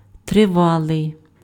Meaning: long, continued, extended, prolonged, protracted, long-drawn-out
- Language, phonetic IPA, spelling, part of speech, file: Ukrainian, [treˈʋaɫei̯], тривалий, adjective, Uk-тривалий.ogg